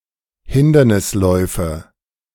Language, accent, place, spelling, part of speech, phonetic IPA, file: German, Germany, Berlin, Hindernisläufe, noun, [ˈhɪndɐnɪsˌlɔɪ̯fə], De-Hindernisläufe.ogg
- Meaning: nominative/accusative/genitive plural of Hindernislauf